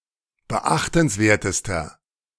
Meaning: inflection of beachtenswert: 1. strong/mixed nominative masculine singular superlative degree 2. strong genitive/dative feminine singular superlative degree
- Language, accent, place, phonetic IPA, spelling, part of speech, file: German, Germany, Berlin, [bəˈʔaxtn̩sˌveːɐ̯təstɐ], beachtenswertester, adjective, De-beachtenswertester.ogg